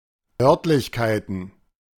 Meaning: plural of Örtlichkeit
- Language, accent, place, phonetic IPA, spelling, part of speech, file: German, Germany, Berlin, [ˈœʁtlɪçkaɪ̯tn̩], Örtlichkeiten, noun, De-Örtlichkeiten.ogg